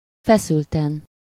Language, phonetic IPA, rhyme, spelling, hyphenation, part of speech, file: Hungarian, [ˈfɛsyltɛn], -ɛn, feszülten, fe‧szül‧ten, adverb, Hu-feszülten.ogg
- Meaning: tensely